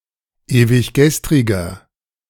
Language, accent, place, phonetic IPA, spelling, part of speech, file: German, Germany, Berlin, [eːvɪçˈɡɛstʁɪɡɐ], ewiggestriger, adjective, De-ewiggestriger.ogg
- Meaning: inflection of ewiggestrig: 1. strong/mixed nominative masculine singular 2. strong genitive/dative feminine singular 3. strong genitive plural